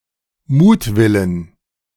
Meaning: dative/accusative singular of Mutwille
- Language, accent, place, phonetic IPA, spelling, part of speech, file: German, Germany, Berlin, [ˈmuːtˌvɪlən], Mutwillen, noun, De-Mutwillen.ogg